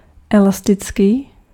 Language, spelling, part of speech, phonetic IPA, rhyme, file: Czech, elastický, adjective, [ˈɛlastɪt͡skiː], -ɪtskiː, Cs-elastický.ogg
- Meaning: elastic